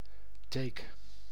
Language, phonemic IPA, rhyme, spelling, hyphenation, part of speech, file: Dutch, /teːk/, -eːk, teek, teek, noun, Nl-teek.ogg
- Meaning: tick (insect)